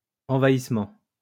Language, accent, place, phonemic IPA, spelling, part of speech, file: French, France, Lyon, /ɑ̃.va.is.mɑ̃/, envahissement, noun, LL-Q150 (fra)-envahissement.wav
- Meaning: 1. invasion 2. encroachment